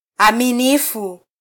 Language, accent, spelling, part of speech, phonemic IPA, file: Swahili, Kenya, aminifu, adjective, /ɑ.miˈni.fu/, Sw-ke-aminifu.flac
- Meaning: honest, trustworthy